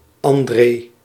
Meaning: a male given name borrowed from French
- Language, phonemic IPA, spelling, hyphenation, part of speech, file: Dutch, /ˈɑn.dreː/, André, An‧dré, proper noun, Nl-André.ogg